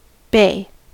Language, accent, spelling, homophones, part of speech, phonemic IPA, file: English, US, bay, bey, noun / verb / adjective, /ˈbeɪ̯/, En-us-bay.ogg
- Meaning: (noun) 1. A body of water (especially the sea) contained by a concave shoreline 2. A bank or dam to keep back water